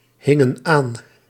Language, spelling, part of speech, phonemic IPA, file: Dutch, hingen aan, verb, /ˈhɪŋə(n) ˈan/, Nl-hingen aan.ogg
- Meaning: inflection of aanhangen: 1. plural past indicative 2. plural past subjunctive